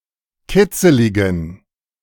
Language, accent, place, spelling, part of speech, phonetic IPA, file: German, Germany, Berlin, kitzeligen, adjective, [ˈkɪt͡səlɪɡn̩], De-kitzeligen.ogg
- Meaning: inflection of kitzelig: 1. strong genitive masculine/neuter singular 2. weak/mixed genitive/dative all-gender singular 3. strong/weak/mixed accusative masculine singular 4. strong dative plural